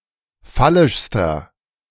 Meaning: inflection of phallisch: 1. strong/mixed nominative masculine singular superlative degree 2. strong genitive/dative feminine singular superlative degree 3. strong genitive plural superlative degree
- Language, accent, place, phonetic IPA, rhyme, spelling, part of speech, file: German, Germany, Berlin, [ˈfalɪʃstɐ], -alɪʃstɐ, phallischster, adjective, De-phallischster.ogg